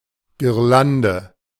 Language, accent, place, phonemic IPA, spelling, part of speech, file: German, Germany, Berlin, /ɡɪʁˈlandə/, Girlande, noun, De-Girlande.ogg
- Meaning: festoon (ornament)